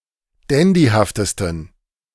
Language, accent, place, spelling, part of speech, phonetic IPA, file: German, Germany, Berlin, dandyhaftesten, adjective, [ˈdɛndihaftəstn̩], De-dandyhaftesten.ogg
- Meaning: 1. superlative degree of dandyhaft 2. inflection of dandyhaft: strong genitive masculine/neuter singular superlative degree